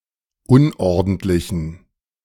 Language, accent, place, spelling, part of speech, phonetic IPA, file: German, Germany, Berlin, unordentlichen, adjective, [ˈʊnʔɔʁdn̩tlɪçn̩], De-unordentlichen.ogg
- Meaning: inflection of unordentlich: 1. strong genitive masculine/neuter singular 2. weak/mixed genitive/dative all-gender singular 3. strong/weak/mixed accusative masculine singular 4. strong dative plural